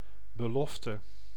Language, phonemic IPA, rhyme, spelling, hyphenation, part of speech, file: Dutch, /bəˈlɔf.tə/, -ɔftə, belofte, be‧lof‧te, noun, Nl-belofte.ogg
- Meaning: promise, vow, pledge